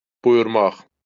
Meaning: 1. to direct, to order 2. to command (to issue a command to)
- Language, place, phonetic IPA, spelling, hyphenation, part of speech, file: Azerbaijani, Baku, [bujurˈmɑχ], buyurmaq, bu‧yur‧maq, verb, LL-Q9292 (aze)-buyurmaq.wav